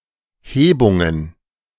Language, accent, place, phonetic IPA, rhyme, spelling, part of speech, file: German, Germany, Berlin, [ˈheːbʊŋən], -eːbʊŋən, Hebungen, noun, De-Hebungen.ogg
- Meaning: plural of Hebung